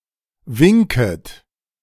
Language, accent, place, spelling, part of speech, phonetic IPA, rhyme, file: German, Germany, Berlin, winket, verb, [ˈvɪŋkət], -ɪŋkət, De-winket.ogg
- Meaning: second-person plural subjunctive I of winken